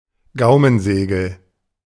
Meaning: velum, soft palate
- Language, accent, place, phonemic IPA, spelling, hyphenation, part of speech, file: German, Germany, Berlin, /ˈɡaʊ̯mənˌzeːɡl̩/, Gaumensegel, Gau‧men‧se‧gel, noun, De-Gaumensegel.ogg